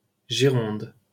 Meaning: Gironde (the largest department in the Nouvelle-Aquitaine region, France)
- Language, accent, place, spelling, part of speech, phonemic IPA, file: French, France, Paris, Gironde, proper noun, /ʒi.ʁɔ̃d/, LL-Q150 (fra)-Gironde.wav